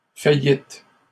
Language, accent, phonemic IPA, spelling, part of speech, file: French, Canada, /fa.jit/, faillîtes, verb, LL-Q150 (fra)-faillîtes.wav
- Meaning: second-person plural past historic of faillir